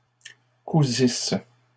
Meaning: third-person plural imperfect subjunctive of coudre
- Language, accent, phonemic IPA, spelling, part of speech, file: French, Canada, /ku.zis/, cousissent, verb, LL-Q150 (fra)-cousissent.wav